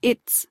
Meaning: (determiner) Belonging to it; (pronoun) The one (or ones) belonging to it; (contraction) Obsolete spelling of it's; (noun) plural of it
- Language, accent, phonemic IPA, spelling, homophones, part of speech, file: English, US, /ɪʔ.s/, its, it's, determiner / pronoun / contraction / noun, En-us-its.ogg